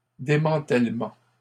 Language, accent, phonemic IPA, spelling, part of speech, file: French, Canada, /de.mɑ̃.tɛl.mɑ̃/, démantèlement, noun, LL-Q150 (fra)-démantèlement.wav
- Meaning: disassembly, dismantling